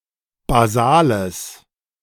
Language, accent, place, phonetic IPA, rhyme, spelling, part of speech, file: German, Germany, Berlin, [baˈzaːləs], -aːləs, basales, adjective, De-basales.ogg
- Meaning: strong/mixed nominative/accusative neuter singular of basal